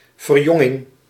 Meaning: rejuvenation, renewal
- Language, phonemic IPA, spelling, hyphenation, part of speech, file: Dutch, /vərˈjɔ.ŋɪŋ/, verjonging, ver‧jon‧ging, noun, Nl-verjonging.ogg